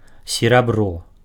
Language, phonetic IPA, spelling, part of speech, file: Belarusian, [sʲeraˈbro], серабро, noun, Be-серабро.ogg
- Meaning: silver (element)